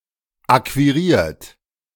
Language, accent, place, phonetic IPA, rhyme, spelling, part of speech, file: German, Germany, Berlin, [ˌakviˈʁiːɐ̯t], -iːɐ̯t, akquiriert, verb, De-akquiriert.ogg
- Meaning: 1. past participle of akquirieren 2. inflection of akquirieren: third-person singular present 3. inflection of akquirieren: second-person plural present 4. inflection of akquirieren: plural imperative